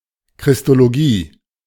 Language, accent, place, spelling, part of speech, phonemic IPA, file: German, Germany, Berlin, Christologie, noun, /kʁɪstoloˈɡiː/, De-Christologie.ogg
- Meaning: Christology